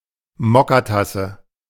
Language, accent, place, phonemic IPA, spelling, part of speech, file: German, Germany, Berlin, /ˈmɔkaˌtasə/, Mokkatasse, noun, De-Mokkatasse.ogg
- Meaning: demitasse